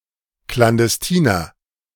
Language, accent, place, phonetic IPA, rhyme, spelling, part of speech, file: German, Germany, Berlin, [klandɛsˈtiːnɐ], -iːnɐ, klandestiner, adjective, De-klandestiner.ogg
- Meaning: inflection of klandestin: 1. strong/mixed nominative masculine singular 2. strong genitive/dative feminine singular 3. strong genitive plural